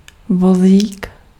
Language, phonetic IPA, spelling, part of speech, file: Czech, [ˈvoziːk], vozík, noun, Cs-vozík.ogg
- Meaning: 1. diminutive of vůz 2. cart, handcart, trolley 3. carriage (the part of a typewriter supporting the paper)